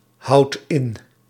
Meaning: inflection of inhouden: 1. second/third-person singular present indicative 2. plural imperative
- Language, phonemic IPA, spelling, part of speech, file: Dutch, /ˈhɑut ˈɪn/, houdt in, verb, Nl-houdt in.ogg